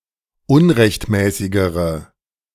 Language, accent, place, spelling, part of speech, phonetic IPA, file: German, Germany, Berlin, unrechtmäßigere, adjective, [ˈʊnʁɛçtˌmɛːsɪɡəʁə], De-unrechtmäßigere.ogg
- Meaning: inflection of unrechtmäßig: 1. strong/mixed nominative/accusative feminine singular comparative degree 2. strong nominative/accusative plural comparative degree